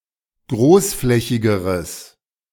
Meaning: strong/mixed nominative/accusative neuter singular comparative degree of großflächig
- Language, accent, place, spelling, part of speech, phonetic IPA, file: German, Germany, Berlin, großflächigeres, adjective, [ˈɡʁoːsˌflɛçɪɡəʁəs], De-großflächigeres.ogg